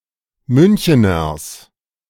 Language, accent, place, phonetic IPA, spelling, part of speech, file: German, Germany, Berlin, [ˈmʏnçənɐs], Müncheners, noun, De-Müncheners.ogg
- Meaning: genitive singular of Münchener